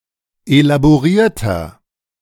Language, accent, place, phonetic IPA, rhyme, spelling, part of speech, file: German, Germany, Berlin, [elaboˈʁiːɐ̯tɐ], -iːɐ̯tɐ, elaborierter, adjective, De-elaborierter.ogg
- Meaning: 1. comparative degree of elaboriert 2. inflection of elaboriert: strong/mixed nominative masculine singular 3. inflection of elaboriert: strong genitive/dative feminine singular